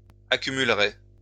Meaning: first/second-person singular conditional of accumuler
- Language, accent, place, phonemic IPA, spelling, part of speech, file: French, France, Lyon, /a.ky.myl.ʁɛ/, accumulerais, verb, LL-Q150 (fra)-accumulerais.wav